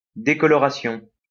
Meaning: 1. discolouration 2. fading
- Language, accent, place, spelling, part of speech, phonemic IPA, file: French, France, Lyon, décoloration, noun, /de.kɔ.lɔ.ʁa.sjɔ̃/, LL-Q150 (fra)-décoloration.wav